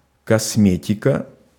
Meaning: cosmetic (any substances applied to enhance the external color or texture of the skin)
- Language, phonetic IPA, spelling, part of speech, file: Russian, [kɐsˈmʲetʲɪkə], косметика, noun, Ru-косметика.ogg